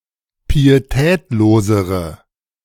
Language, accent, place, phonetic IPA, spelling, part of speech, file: German, Germany, Berlin, [piːeˈtɛːtloːzəʁə], pietätlosere, adjective, De-pietätlosere.ogg
- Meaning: inflection of pietätlos: 1. strong/mixed nominative/accusative feminine singular comparative degree 2. strong nominative/accusative plural comparative degree